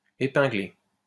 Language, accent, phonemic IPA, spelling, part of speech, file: French, France, /e.pɛ̃.ɡle/, épinglé, verb, LL-Q150 (fra)-épinglé.wav
- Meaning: past participle of épingler